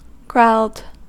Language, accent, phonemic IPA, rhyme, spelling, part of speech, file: English, US, /ɡɹaʊld/, -aʊld, growled, verb, En-us-growled.ogg
- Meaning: simple past and past participle of growl